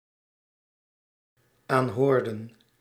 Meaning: inflection of aanhoren: 1. plural dependent-clause past indicative 2. plural dependent-clause past subjunctive
- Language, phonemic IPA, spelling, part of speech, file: Dutch, /ˈanhordə(n)/, aanhoorden, verb, Nl-aanhoorden.ogg